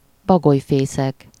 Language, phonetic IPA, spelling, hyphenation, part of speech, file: Hungarian, [ˈbɒɡojfeːsɛk], bagolyfészek, ba‧goly‧fé‧szek, noun, Hu-bagolyfészek.ogg
- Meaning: owlery